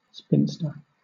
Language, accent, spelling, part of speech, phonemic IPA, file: English, Southern England, spinster, noun, /ˈspɪnstə/, LL-Q1860 (eng)-spinster.wav
- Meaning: A woman who has never been married, especially one past the typical marrying age according to social traditions